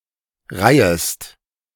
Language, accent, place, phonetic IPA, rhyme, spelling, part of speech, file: German, Germany, Berlin, [ˈʁaɪ̯əst], -aɪ̯əst, reihest, verb, De-reihest.ogg
- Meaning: second-person singular subjunctive I of reihen